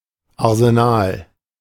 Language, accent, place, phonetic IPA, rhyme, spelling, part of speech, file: German, Germany, Berlin, [aʁzeˈnaːl], -aːl, Arsenal, noun, De-Arsenal.ogg
- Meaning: arsenal